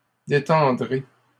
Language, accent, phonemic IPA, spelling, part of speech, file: French, Canada, /de.tɑ̃.dʁe/, détendrai, verb, LL-Q150 (fra)-détendrai.wav
- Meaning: first-person singular simple future of détendre